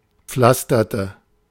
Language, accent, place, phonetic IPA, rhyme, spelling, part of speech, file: German, Germany, Berlin, [ˈp͡flastɐtə], -astɐtə, pflasterte, verb, De-pflasterte.ogg
- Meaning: inflection of pflastern: 1. first/third-person singular preterite 2. first/third-person singular subjunctive II